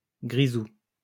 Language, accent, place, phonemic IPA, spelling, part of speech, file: French, France, Lyon, /ɡʁi.zu/, grisou, noun, LL-Q150 (fra)-grisou.wav
- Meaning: firedamp